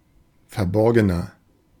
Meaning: 1. comparative degree of verborgen 2. inflection of verborgen: strong/mixed nominative masculine singular 3. inflection of verborgen: strong genitive/dative feminine singular
- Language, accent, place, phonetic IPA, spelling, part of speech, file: German, Germany, Berlin, [fɛɐ̯ˈbɔʁɡənɐ], verborgener, adjective, De-verborgener.ogg